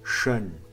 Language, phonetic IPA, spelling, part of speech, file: Adyghe, [ʃan], шэн, noun, Шэн.ogg
- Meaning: alternative form of шэны (šɛnə)